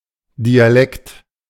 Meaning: dialect
- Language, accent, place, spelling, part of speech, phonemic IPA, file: German, Germany, Berlin, Dialekt, noun, /diaˈlɛkt/, De-Dialekt.ogg